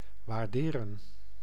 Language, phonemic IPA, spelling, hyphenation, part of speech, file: Dutch, /ˌʋaːrˈdeː.rə(n)/, waarderen, waar‧de‧ren, verb, Nl-waarderen.ogg
- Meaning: 1. to appreciate, to value 2. to estimate the value of, to appraise